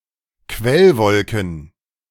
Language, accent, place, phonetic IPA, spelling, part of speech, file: German, Germany, Berlin, [ˈkvɛlˌvɔlkn̩], Quellwolken, noun, De-Quellwolken.ogg
- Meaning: plural of Quellwolke